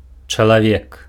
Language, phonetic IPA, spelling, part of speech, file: Belarusian, [t͡ʂaɫaˈvʲek], чалавек, noun, Be-чалавек.ogg
- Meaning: 1. man (human), person 2. man (male adult)